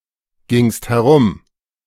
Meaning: second-person singular preterite of herumgehen
- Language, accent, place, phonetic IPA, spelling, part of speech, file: German, Germany, Berlin, [ˌɡɪŋst hɛˈʁʊm], gingst herum, verb, De-gingst herum.ogg